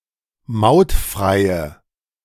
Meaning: inflection of mautfrei: 1. strong/mixed nominative/accusative feminine singular 2. strong nominative/accusative plural 3. weak nominative all-gender singular
- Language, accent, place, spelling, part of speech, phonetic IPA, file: German, Germany, Berlin, mautfreie, adjective, [ˈmaʊ̯tˌfʁaɪ̯ə], De-mautfreie.ogg